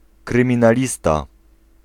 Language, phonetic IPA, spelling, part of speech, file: Polish, [ˌkrɨ̃mʲĩnaˈlʲista], kryminalista, noun, Pl-kryminalista.ogg